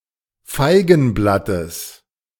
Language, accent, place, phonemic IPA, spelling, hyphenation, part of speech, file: German, Germany, Berlin, /ˈfaɪ̯ɡn̩ˌblatəs/, Feigenblattes, Fei‧gen‧blat‧tes, noun, De-Feigenblattes.ogg
- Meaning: genitive of Feigenblatt